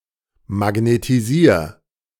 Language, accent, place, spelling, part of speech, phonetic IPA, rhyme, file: German, Germany, Berlin, magnetisier, verb, [maɡnetiˈziːɐ̯], -iːɐ̯, De-magnetisier.ogg
- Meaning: 1. singular imperative of magnetisieren 2. first-person singular present of magnetisieren